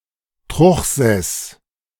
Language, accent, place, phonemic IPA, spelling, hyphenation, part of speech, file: German, Germany, Berlin, /ˈtʁʊx.zɛs/, Truchsess, Truch‧sess, noun, De-Truchsess.ogg
- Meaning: steward of a princely household, sewer